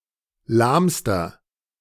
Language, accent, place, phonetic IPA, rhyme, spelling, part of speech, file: German, Germany, Berlin, [ˈlaːmstɐ], -aːmstɐ, lahmster, adjective, De-lahmster.ogg
- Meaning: inflection of lahm: 1. strong/mixed nominative masculine singular superlative degree 2. strong genitive/dative feminine singular superlative degree 3. strong genitive plural superlative degree